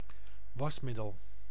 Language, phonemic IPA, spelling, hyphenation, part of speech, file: Dutch, /ˈʋɑsˌmɪ.dəl/, wasmiddel, was‧mid‧del, noun, Nl-wasmiddel.ogg
- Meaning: laundry detergent, washing agent